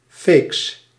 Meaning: shrew, bitch (malicious or bad-tempered woman)
- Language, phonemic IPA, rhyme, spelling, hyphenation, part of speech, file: Dutch, /feːks/, -eːks, feeks, feeks, noun, Nl-feeks.ogg